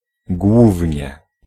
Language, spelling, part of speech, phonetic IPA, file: Polish, głównie, adverb, [ˈɡwuvʲɲɛ], Pl-głównie.ogg